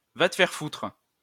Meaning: go get fucked!; go fuck yourself!; fuck you!; fuck off!
- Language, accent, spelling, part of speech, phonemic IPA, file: French, France, va te faire foutre, interjection, /va t(ə) fɛʁ futʁ/, LL-Q150 (fra)-va te faire foutre.wav